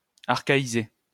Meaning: to archaize
- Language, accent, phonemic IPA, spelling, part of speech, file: French, France, /aʁ.ka.i.ze/, archaïser, verb, LL-Q150 (fra)-archaïser.wav